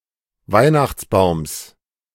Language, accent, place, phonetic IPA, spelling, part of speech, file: German, Germany, Berlin, [ˈvaɪ̯naxt͡sˌbaʊ̯ms], Weihnachtsbaums, noun, De-Weihnachtsbaums.ogg
- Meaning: genitive singular of Weihnachtsbaum